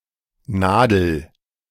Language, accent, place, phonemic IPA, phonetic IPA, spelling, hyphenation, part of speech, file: German, Germany, Berlin, /ˈnaːdəl/, [ˈnäːdl̩], Nadel, Na‧del, noun, De-Nadel.ogg
- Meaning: 1. needle; hook (implement for sewing, knitting, or crocheting) 2. pin (implement for fixing something) 3. needle (indicating device) 4. needle (sensor for phonograph stylus)